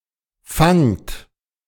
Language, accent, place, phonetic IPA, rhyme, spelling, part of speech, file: German, Germany, Berlin, [faŋt], -aŋt, fangt, verb, De-fangt.ogg
- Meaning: inflection of fangen: 1. second-person plural present 2. plural imperative